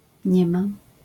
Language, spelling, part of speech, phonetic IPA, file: Polish, nie ma, phrase, [ˈɲɛ‿ma], LL-Q809 (pol)-nie ma.wav